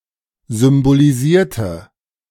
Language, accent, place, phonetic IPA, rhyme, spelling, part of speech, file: German, Germany, Berlin, [zʏmboliˈziːɐ̯tə], -iːɐ̯tə, symbolisierte, adjective / verb, De-symbolisierte.ogg
- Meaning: inflection of symbolisieren: 1. first/third-person singular preterite 2. first/third-person singular subjunctive II